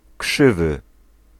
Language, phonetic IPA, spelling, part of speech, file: Polish, [ˈkʃɨvɨ], krzywy, adjective, Pl-krzywy.ogg